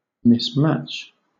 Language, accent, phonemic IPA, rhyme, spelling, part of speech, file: English, Southern England, /ˌmɪsˈmæt͡ʃ/, -ætʃ, mismatch, verb, LL-Q1860 (eng)-mismatch.wav
- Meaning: To match unsuitably; to fail to match